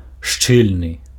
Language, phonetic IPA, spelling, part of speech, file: Belarusian, [ˈʂt͡ʂɨlʲnɨ], шчыльны, adjective, Be-шчыльны.ogg
- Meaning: tight, narrow